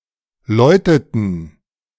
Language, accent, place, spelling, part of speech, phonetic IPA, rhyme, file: German, Germany, Berlin, läuteten, verb, [ˈlɔɪ̯tətn̩], -ɔɪ̯tətn̩, De-läuteten.ogg
- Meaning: inflection of läuten: 1. first/third-person plural preterite 2. first/third-person plural subjunctive II